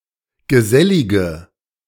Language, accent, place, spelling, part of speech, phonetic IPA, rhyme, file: German, Germany, Berlin, gesellige, adjective, [ɡəˈzɛlɪɡə], -ɛlɪɡə, De-gesellige.ogg
- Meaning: inflection of gesellig: 1. strong/mixed nominative/accusative feminine singular 2. strong nominative/accusative plural 3. weak nominative all-gender singular